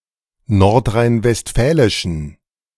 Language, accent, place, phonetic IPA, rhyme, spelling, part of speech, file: German, Germany, Berlin, [ˌnɔʁtʁaɪ̯nvɛstˈfɛːlɪʃn̩], -ɛːlɪʃn̩, nordrhein-westfälischen, adjective, De-nordrhein-westfälischen.ogg
- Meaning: inflection of nordrhein-westfälisch: 1. strong genitive masculine/neuter singular 2. weak/mixed genitive/dative all-gender singular 3. strong/weak/mixed accusative masculine singular